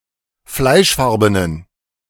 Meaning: inflection of fleischfarben: 1. strong genitive masculine/neuter singular 2. weak/mixed genitive/dative all-gender singular 3. strong/weak/mixed accusative masculine singular 4. strong dative plural
- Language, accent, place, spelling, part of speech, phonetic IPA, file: German, Germany, Berlin, fleischfarbenen, adjective, [ˈflaɪ̯ʃˌfaʁbənən], De-fleischfarbenen.ogg